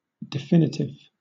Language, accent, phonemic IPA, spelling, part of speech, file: English, Southern England, /dɪˈfɪn.ɪ.tɪv/, definitive, adjective / noun, LL-Q1860 (eng)-definitive.wav
- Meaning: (adjective) 1. Explicitly defined 2. Determining finally, conclusive, decisive 3. Definite, authoritative and complete 4. Limiting; determining 5. General, not issued for commemorative purposes